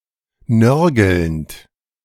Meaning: present participle of nörgeln
- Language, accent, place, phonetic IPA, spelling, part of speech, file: German, Germany, Berlin, [ˈnœʁɡl̩nt], nörgelnd, verb, De-nörgelnd.ogg